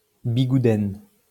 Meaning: a traditional head-dress made of lace from the Pays Bigouden in south west Brittany
- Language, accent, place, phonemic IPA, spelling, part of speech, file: French, France, Lyon, /bi.ɡu.dɛn/, bigouden, noun, LL-Q150 (fra)-bigouden.wav